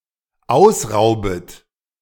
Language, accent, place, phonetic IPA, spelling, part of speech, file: German, Germany, Berlin, [ˈaʊ̯sˌʁaʊ̯bət], ausraubet, verb, De-ausraubet.ogg
- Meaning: second-person plural dependent subjunctive I of ausrauben